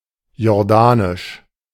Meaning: of Jordan; Jordanian
- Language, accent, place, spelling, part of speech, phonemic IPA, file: German, Germany, Berlin, jordanisch, adjective, /jɔʁˈdaːnɪʃ/, De-jordanisch.ogg